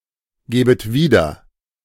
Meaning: second-person plural subjunctive I of wiedergeben
- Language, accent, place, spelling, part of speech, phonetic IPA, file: German, Germany, Berlin, gebet wieder, verb, [ˌɡeːbət ˈviːdɐ], De-gebet wieder.ogg